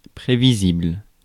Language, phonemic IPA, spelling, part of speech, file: French, /pʁe.vi.zibl/, prévisible, adjective, Fr-prévisible.ogg
- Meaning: foreseeable, predictable